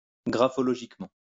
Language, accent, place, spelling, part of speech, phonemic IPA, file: French, France, Lyon, graphologiquement, adverb, /ɡʁa.fɔ.lɔ.ʒik.mɑ̃/, LL-Q150 (fra)-graphologiquement.wav
- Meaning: graphologically